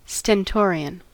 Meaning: 1. Loud, powerful, booming, suitable for giving speeches to large crowds 2. Stern, authoritarian; demanding of respect
- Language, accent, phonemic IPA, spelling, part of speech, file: English, US, /stɛnˈtɔː.ɹi.ən/, stentorian, adjective, En-us-stentorian.ogg